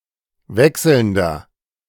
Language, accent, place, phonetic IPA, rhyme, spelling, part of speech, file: German, Germany, Berlin, [ˈvɛksl̩ndɐ], -ɛksl̩ndɐ, wechselnder, adjective, De-wechselnder.ogg
- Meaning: inflection of wechselnd: 1. strong/mixed nominative masculine singular 2. strong genitive/dative feminine singular 3. strong genitive plural